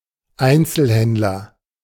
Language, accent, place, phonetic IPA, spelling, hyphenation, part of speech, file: German, Germany, Berlin, [ˈaɪ̯nt͡səlhɛntlɐ], Einzelhändler, Ein‧zel‧händ‧ler, noun, De-Einzelhändler.ogg
- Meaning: retailer